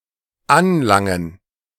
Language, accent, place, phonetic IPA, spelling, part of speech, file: German, Germany, Berlin, [ˈanˌlaŋən], anlangen, verb, De-anlangen.ogg
- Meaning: 1. to touch (literally) 2. to arrive 3. to concern, to touch